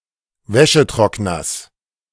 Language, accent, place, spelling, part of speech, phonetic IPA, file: German, Germany, Berlin, Wäschetrockners, noun, [ˈvɛʃəˌtʁɔknɐs], De-Wäschetrockners.ogg
- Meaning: genitive singular of Wäschetrockner